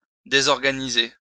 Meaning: to disorganize
- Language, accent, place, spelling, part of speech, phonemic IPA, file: French, France, Lyon, désorganiser, verb, /de.zɔʁ.ɡa.ni.ze/, LL-Q150 (fra)-désorganiser.wav